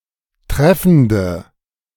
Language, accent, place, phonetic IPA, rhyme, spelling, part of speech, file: German, Germany, Berlin, [ˈtʁɛfn̩də], -ɛfn̩də, treffende, adjective, De-treffende.ogg
- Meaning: inflection of treffend: 1. strong/mixed nominative/accusative feminine singular 2. strong nominative/accusative plural 3. weak nominative all-gender singular